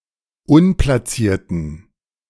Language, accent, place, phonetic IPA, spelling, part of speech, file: German, Germany, Berlin, [ˈʊnplasiːɐ̯tn̩], unplacierten, adjective, De-unplacierten.ogg
- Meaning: inflection of unplaciert: 1. strong genitive masculine/neuter singular 2. weak/mixed genitive/dative all-gender singular 3. strong/weak/mixed accusative masculine singular 4. strong dative plural